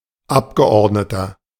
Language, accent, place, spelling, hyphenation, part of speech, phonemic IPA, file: German, Germany, Berlin, Abgeordneter, Ab‧ge‧ord‧ne‧ter, noun, /ˈapɡəˌʔɔʁdnətɐ/, De-Abgeordneter.ogg
- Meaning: 1. delegate, assemblyman, representative, Member of Parliament (male or of unspecified gender) 2. inflection of Abgeordnete: strong genitive/dative singular